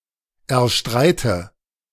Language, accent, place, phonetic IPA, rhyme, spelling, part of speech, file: German, Germany, Berlin, [ɛɐ̯ˈʃtʁaɪ̯tə], -aɪ̯tə, erstreite, verb, De-erstreite.ogg
- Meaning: inflection of erstreiten: 1. first-person singular present 2. first/third-person singular subjunctive I 3. singular imperative